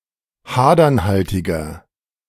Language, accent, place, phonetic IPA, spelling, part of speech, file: German, Germany, Berlin, [ˈhaːdɐnˌhaltɪɡɐ], hadernhaltiger, adjective, De-hadernhaltiger.ogg
- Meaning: inflection of hadernhaltig: 1. strong/mixed nominative masculine singular 2. strong genitive/dative feminine singular 3. strong genitive plural